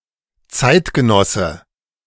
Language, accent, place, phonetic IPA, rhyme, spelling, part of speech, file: German, Germany, Berlin, [ˈt͡saɪ̯tɡəˌnɔsə], -aɪ̯tɡənɔsə, Zeitgenosse, noun, De-Zeitgenosse.ogg
- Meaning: contemporary